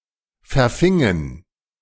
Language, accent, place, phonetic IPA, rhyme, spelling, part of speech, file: German, Germany, Berlin, [fɛɐ̯ˈfɪŋən], -ɪŋən, verfingen, verb, De-verfingen.ogg
- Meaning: inflection of verfangen: 1. first/third-person plural preterite 2. first/third-person plural subjunctive II